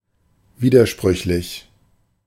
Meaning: 1. contradictory 2. conflicting
- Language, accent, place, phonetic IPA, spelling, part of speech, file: German, Germany, Berlin, [ˈviːdɐˌʃpʁʏçlɪç], widersprüchlich, adjective, De-widersprüchlich.ogg